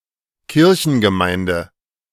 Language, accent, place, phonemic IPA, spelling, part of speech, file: German, Germany, Berlin, /ˈkɪʁçn̩ɡəˌmaɪ̯ndə/, Kirchengemeinde, noun, De-Kirchengemeinde.ogg
- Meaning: 1. parish 2. parish church or its congregation